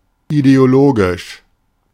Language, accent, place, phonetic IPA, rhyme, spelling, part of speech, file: German, Germany, Berlin, [ideoˈloːɡɪʃ], -oːɡɪʃ, ideologisch, adjective, De-ideologisch.ogg
- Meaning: ideological, ideologic